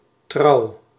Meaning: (noun) 1. loyalty, faithfulness 2. marriage; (adjective) true, faithful, loyal; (verb) inflection of trouwen: 1. first-person singular present indicative 2. second-person singular present indicative
- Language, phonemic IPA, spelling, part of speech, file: Dutch, /trɑu̯/, trouw, noun / adjective / verb, Nl-trouw.ogg